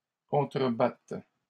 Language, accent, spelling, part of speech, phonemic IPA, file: French, Canada, contrebatte, verb, /kɔ̃.tʁə.bat/, LL-Q150 (fra)-contrebatte.wav
- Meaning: first/third-person singular present subjunctive of contrebattre